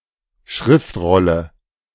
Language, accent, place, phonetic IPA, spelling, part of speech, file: German, Germany, Berlin, [ˈʃʁɪftˌʁɔlə], Schriftrolle, noun, De-Schriftrolle.ogg
- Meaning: scroll